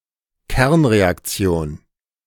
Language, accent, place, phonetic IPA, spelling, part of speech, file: German, Germany, Berlin, [ˈkɛʁnʁeakˌt͡si̯oːn], Kernreaktion, noun, De-Kernreaktion.ogg
- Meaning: nuclear reaction